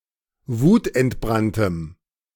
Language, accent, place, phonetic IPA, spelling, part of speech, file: German, Germany, Berlin, [ˈvuːtʔɛntˌbʁantəm], wutentbranntem, adjective, De-wutentbranntem.ogg
- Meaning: strong dative masculine/neuter singular of wutentbrannt